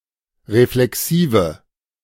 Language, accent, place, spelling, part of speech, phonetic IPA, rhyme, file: German, Germany, Berlin, reflexive, adjective, [ʁeflɛˈksiːvə], -iːvə, De-reflexive.ogg
- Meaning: inflection of reflexiv: 1. strong/mixed nominative/accusative feminine singular 2. strong nominative/accusative plural 3. weak nominative all-gender singular